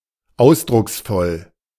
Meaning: expressive
- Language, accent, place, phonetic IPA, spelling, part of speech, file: German, Germany, Berlin, [ˈaʊ̯sdʁʊksfɔl], ausdrucksvoll, adjective, De-ausdrucksvoll.ogg